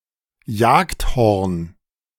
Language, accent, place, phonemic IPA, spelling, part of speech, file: German, Germany, Berlin, /ˈjaːktˌhɔʁn/, Jagdhorn, noun, De-Jagdhorn.ogg
- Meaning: hunting horn